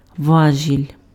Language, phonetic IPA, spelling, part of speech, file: Ukrainian, [ˈʋaʒʲilʲ], важіль, noun, Uk-важіль.ogg
- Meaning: lever (rigid piece which is capable of turning about one point, and is used for transmitting and modifying force and motion)